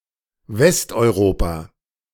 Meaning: Western Europe (a sociopolitical region in the west of Europe)
- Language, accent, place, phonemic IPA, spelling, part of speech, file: German, Germany, Berlin, /ˈvɛstʔɔɪ̯ˌʁoːpa/, Westeuropa, proper noun, De-Westeuropa.ogg